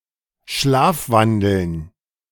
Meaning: to sleepwalk
- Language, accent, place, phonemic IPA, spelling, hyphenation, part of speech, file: German, Germany, Berlin, /ˈʃlaːfˌvandl̩n/, schlafwandeln, schlaf‧wan‧deln, verb, De-schlafwandeln.ogg